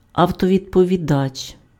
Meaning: answering machine
- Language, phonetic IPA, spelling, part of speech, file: Ukrainian, [ɐu̯tɔʋʲidpɔʋʲiˈdat͡ʃ], автовідповідач, noun, Uk-автовідповідач.ogg